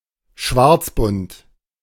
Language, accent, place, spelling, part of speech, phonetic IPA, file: German, Germany, Berlin, schwarzbunt, adjective, [ˈʃvaʁt͡sˌbʊnt], De-schwarzbunt.ogg
- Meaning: having a black and white (splotchy) hide; piebald